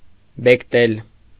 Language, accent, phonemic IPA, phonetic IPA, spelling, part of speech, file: Armenian, Eastern Armenian, /bekˈtel/, [bektél], բեկտել, verb, Hy-բեկտել.ogg
- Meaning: to break to pieces, to break